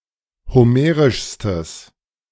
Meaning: strong/mixed nominative/accusative neuter singular superlative degree of homerisch
- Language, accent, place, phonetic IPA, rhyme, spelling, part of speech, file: German, Germany, Berlin, [hoˈmeːʁɪʃstəs], -eːʁɪʃstəs, homerischstes, adjective, De-homerischstes.ogg